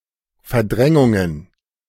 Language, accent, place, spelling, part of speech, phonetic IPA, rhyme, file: German, Germany, Berlin, Verdrängungen, noun, [fɛɐ̯ˈdʁɛŋʊŋən], -ɛŋʊŋən, De-Verdrängungen.ogg
- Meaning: plural of Verdrängung